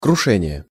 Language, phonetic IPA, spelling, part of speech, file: Russian, [krʊˈʂɛnʲɪje], крушение, noun, Ru-крушение.ogg
- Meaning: 1. verbal noun of круши́ть (krušítʹ) (nomen actionis); breaking, destroying (usually violently) 2. accident, crash, wreck